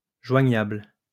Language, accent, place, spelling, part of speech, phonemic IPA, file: French, France, Lyon, joignable, adjective, /ʒwa.ɲabl/, LL-Q150 (fra)-joignable.wav
- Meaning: contactable, reachable, available